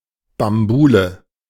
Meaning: racket, revelry
- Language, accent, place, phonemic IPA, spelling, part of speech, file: German, Germany, Berlin, /bamˈbuːlə/, Bambule, noun, De-Bambule.ogg